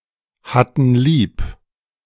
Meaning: first/third-person plural preterite of lieb haben
- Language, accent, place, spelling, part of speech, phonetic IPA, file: German, Germany, Berlin, hatten lieb, verb, [ˌhatn̩ ˈliːp], De-hatten lieb.ogg